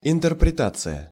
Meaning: interpretation, understanding
- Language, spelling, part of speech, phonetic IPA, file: Russian, интерпретация, noun, [ɪntɨrprʲɪˈtat͡sɨjə], Ru-интерпретация.ogg